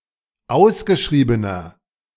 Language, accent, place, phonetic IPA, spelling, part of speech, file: German, Germany, Berlin, [ˈaʊ̯sɡəˌʃʁiːbənɐ], ausgeschriebener, adjective, De-ausgeschriebener.ogg
- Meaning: 1. comparative degree of ausgeschrieben 2. inflection of ausgeschrieben: strong/mixed nominative masculine singular 3. inflection of ausgeschrieben: strong genitive/dative feminine singular